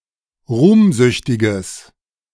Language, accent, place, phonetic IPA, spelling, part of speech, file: German, Germany, Berlin, [ˈʁuːmˌzʏçtɪɡəs], ruhmsüchtiges, adjective, De-ruhmsüchtiges.ogg
- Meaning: strong/mixed nominative/accusative neuter singular of ruhmsüchtig